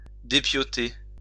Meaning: 1. to skin 2. to undress 3. to dismantle
- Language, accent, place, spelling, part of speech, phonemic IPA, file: French, France, Lyon, dépiauter, verb, /de.pjɔ.te/, LL-Q150 (fra)-dépiauter.wav